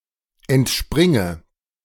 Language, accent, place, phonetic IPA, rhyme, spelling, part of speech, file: German, Germany, Berlin, [ɛntˈʃpʁɪŋə], -ɪŋə, entspringe, verb, De-entspringe.ogg
- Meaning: inflection of entspringen: 1. first-person singular present 2. first/third-person singular subjunctive I 3. singular imperative